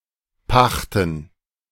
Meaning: 1. gerund of pachten 2. plural of Pacht
- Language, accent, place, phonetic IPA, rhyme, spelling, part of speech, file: German, Germany, Berlin, [ˈpaxtn̩], -axtn̩, Pachten, noun, De-Pachten.ogg